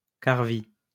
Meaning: 1. caraway (plant) 2. caraway (spice)
- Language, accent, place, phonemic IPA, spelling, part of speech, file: French, France, Lyon, /kaʁ.vi/, carvi, noun, LL-Q150 (fra)-carvi.wav